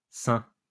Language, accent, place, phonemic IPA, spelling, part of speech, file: French, France, Lyon, /sɛ̃/, saints, noun / adjective, LL-Q150 (fra)-saints.wav
- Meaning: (noun) masculine plural of saint